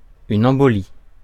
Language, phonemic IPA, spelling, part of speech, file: French, /ɑ̃.bɔ.li/, embolie, noun, Fr-embolie.ogg
- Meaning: embolism (obstruction or occlusion of a blood vessel by an embolus)